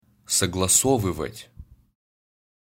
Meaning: to co-ordinate, to adjust, to agree, to match
- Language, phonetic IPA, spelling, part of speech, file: Russian, [səɡɫɐˈsovɨvətʲ], согласовывать, verb, Ru-Согласовывать.ogg